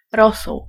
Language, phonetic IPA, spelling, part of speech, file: Polish, [ˈrɔsuw], rosół, noun, Pl-rosół.ogg